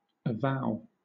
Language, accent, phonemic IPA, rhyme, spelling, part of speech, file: English, Southern England, /əˈvaʊ/, -aʊ, avow, verb / noun, LL-Q1860 (eng)-avow.wav
- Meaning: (verb) 1. To declare openly and boldly, as something believed to be right; to own, acknowledge or confess frankly 2. To bind or devote by a vow